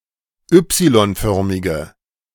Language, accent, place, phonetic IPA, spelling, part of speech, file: German, Germany, Berlin, [ˈʏpsilɔnˌfœʁmɪɡə], y-förmige, adjective, De-y-förmige.ogg
- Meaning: inflection of y-förmig: 1. strong/mixed nominative/accusative feminine singular 2. strong nominative/accusative plural 3. weak nominative all-gender singular